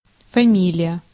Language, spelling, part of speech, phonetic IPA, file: Russian, фамилия, noun, [fɐˈmʲilʲɪjə], Ru-фамилия.ogg
- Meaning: 1. surname, last name, family name 2. clan 3. family (the original meaning), see фами́льный (famílʹnyj)